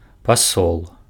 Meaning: ambassador, envoy
- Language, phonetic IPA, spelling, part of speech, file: Belarusian, [paˈsoɫ], пасол, noun, Be-пасол.ogg